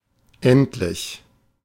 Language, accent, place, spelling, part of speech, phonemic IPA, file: German, Germany, Berlin, endlich, adjective / adverb, /ˈɛntlɪç/, De-endlich.ogg
- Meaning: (adjective) finite, limited; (adverb) eventually, at last, finally